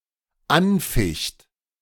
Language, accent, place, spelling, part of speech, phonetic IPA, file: German, Germany, Berlin, anficht, verb, [ˈanˌfɪçt], De-anficht.ogg
- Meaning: third-person singular dependent present of anfechten